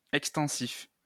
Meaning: extensive
- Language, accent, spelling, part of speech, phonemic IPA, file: French, France, extensif, adjective, /ɛk.stɑ̃.sif/, LL-Q150 (fra)-extensif.wav